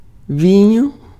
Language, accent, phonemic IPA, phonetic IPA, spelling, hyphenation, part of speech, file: Portuguese, Brazil, /ˈvĩ.ɲu/, [ˈvĩ.j̃u], vinho, vi‧nho, noun, Pt-vinho.ogg
- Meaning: wine